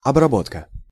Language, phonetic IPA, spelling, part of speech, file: Russian, [ɐbrɐˈbotkə], обработка, noun, Ru-обработка.ogg
- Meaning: 1. processing (act of taking something through a set of prescribed procedures) 2. adaptation (something which has been adapted, variation)